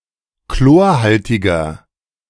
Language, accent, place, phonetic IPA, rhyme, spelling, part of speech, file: German, Germany, Berlin, [ˈkloːɐ̯ˌhaltɪɡɐ], -oːɐ̯haltɪɡɐ, chlorhaltiger, adjective, De-chlorhaltiger.ogg
- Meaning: inflection of chlorhaltig: 1. strong/mixed nominative masculine singular 2. strong genitive/dative feminine singular 3. strong genitive plural